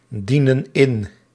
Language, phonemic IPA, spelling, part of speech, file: Dutch, /ˈdinə(n) ˈɪn/, dienen in, verb, Nl-dienen in.ogg
- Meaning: inflection of indienen: 1. plural present indicative 2. plural present subjunctive